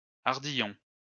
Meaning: 1. tongue (of buckle) 2. barb (of fishhook)
- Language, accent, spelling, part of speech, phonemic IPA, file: French, France, ardillon, noun, /aʁ.di.jɔ̃/, LL-Q150 (fra)-ardillon.wav